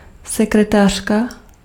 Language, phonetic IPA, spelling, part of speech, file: Czech, [ˈsɛkrɛtaːr̝̊ka], sekretářka, noun, Cs-sekretářka.ogg
- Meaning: secretary (person who handles general clerical work)